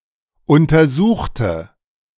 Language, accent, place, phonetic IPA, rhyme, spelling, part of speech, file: German, Germany, Berlin, [ˌʊntɐˈzuːxtə], -uːxtə, untersuchte, adjective / verb, De-untersuchte.ogg
- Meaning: inflection of untersuchen: 1. first/third-person singular preterite 2. first/third-person singular subjunctive II